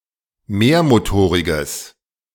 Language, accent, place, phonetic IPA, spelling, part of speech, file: German, Germany, Berlin, [ˈmeːɐ̯moˌtoːʁɪɡəs], mehrmotoriges, adjective, De-mehrmotoriges.ogg
- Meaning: strong/mixed nominative/accusative neuter singular of mehrmotorig